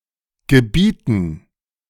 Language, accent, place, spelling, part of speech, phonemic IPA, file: German, Germany, Berlin, gebieten, verb, /ɡəˈbiːtn̩/, De-gebieten.ogg
- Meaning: 1. to command [with dative ‘someone’] 2. to command 3. to command: to have at one's disposal 4. to necessitate 5. to necessitate: to require 6. to demand